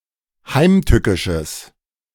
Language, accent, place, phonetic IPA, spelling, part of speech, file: German, Germany, Berlin, [ˈhaɪ̯mˌtʏkɪʃəs], heimtückisches, adjective, De-heimtückisches.ogg
- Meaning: strong/mixed nominative/accusative neuter singular of heimtückisch